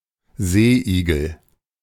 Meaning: sea urchin
- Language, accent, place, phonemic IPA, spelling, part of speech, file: German, Germany, Berlin, /ˈzeːʔiːɡl̩/, Seeigel, noun, De-Seeigel.ogg